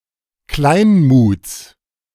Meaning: genitive singular of Kleinmut
- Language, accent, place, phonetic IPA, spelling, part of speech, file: German, Germany, Berlin, [ˈklaɪ̯nmuːt͡s], Kleinmuts, noun, De-Kleinmuts.ogg